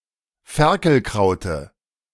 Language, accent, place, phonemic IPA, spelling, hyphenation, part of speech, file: German, Germany, Berlin, /ˈfɛʁkl̩ˌkʁaʊ̯tə/, Ferkelkraute, Fer‧kel‧krau‧te, noun, De-Ferkelkraute.ogg
- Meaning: dative singular of Ferkelkraut